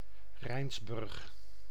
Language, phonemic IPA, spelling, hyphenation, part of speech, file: Dutch, /ˈrɛi̯nsˌbʏrx/, Rijnsburg, Rijns‧burg, proper noun, Nl-Rijnsburg.ogg
- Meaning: Rijnsburg (a village and former municipality of Katwijk, South Holland, Netherlands)